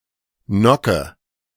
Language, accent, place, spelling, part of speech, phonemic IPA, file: German, Germany, Berlin, Nocke, noun, /ˈnɔkə/, De-Nocke.ogg
- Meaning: 1. gnocchi 2. stupid, conceited woman 3. nock (notch at the rear of an arrow)